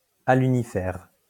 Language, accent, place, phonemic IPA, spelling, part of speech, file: French, France, Lyon, /a.ly.ni.fɛʁ/, alunifère, adjective, LL-Q150 (fra)-alunifère.wav
- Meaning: aluminiferous